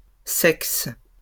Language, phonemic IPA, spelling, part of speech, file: French, /sɛks/, sexes, noun, LL-Q150 (fra)-sexes.wav
- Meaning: plural of sexe